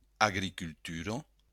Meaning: agriculture
- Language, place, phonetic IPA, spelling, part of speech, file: Occitan, Béarn, [aɣɾikylˈtyɾo], agricultura, noun, LL-Q14185 (oci)-agricultura.wav